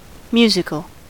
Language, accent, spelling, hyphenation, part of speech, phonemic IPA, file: English, US, musical, mu‧si‧cal, adjective / noun, /ˈmju.zɪ.kəl/, En-us-musical.ogg
- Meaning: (adjective) 1. Of, belonging or relating to music, or to its performance or notation 2. Pleasing to the ear; sounding agreeably; having the qualities of music; melodious; harmonious